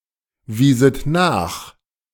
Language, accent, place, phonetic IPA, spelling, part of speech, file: German, Germany, Berlin, [ˌviːzət ˈnaːx], wieset nach, verb, De-wieset nach.ogg
- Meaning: second-person plural subjunctive II of nachweisen